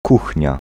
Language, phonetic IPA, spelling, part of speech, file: Polish, [ˈkuxʲɲa], kuchnia, noun, Pl-kuchnia.ogg